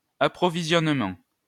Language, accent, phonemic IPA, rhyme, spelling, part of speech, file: French, France, /a.pʁɔ.vi.zjɔn.mɑ̃/, -ɑ̃, approvisionnement, noun, LL-Q150 (fra)-approvisionnement.wav
- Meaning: supply, supplying, stocking up; procurement